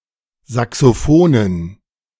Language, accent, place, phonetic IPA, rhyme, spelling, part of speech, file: German, Germany, Berlin, [ˌzaksoˈfoːnən], -oːnən, Saxofonen, noun, De-Saxofonen.ogg
- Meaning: dative plural of Saxofon